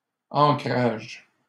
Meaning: plural of ancrage
- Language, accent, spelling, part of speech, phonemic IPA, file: French, Canada, ancrages, noun, /ɑ̃.kʁaʒ/, LL-Q150 (fra)-ancrages.wav